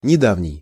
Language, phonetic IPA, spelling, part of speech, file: Russian, [nʲɪˈdavnʲɪj], недавний, adjective, Ru-недавний.ogg
- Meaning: recent